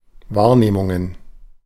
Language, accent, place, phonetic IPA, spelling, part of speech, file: German, Germany, Berlin, [ˈvaːɐ̯neːmʊŋən], Wahrnehmungen, noun, De-Wahrnehmungen.ogg
- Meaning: plural of Wahrnehmung